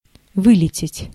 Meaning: 1. to fly out, to fly (from a place) 2. to crash
- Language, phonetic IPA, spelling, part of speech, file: Russian, [ˈvɨlʲɪtʲɪtʲ], вылететь, verb, Ru-вылететь.ogg